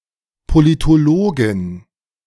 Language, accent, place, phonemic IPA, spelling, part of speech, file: German, Germany, Berlin, /politoˈloːɡɪn/, Politologin, noun, De-Politologin.ogg
- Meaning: female political scientist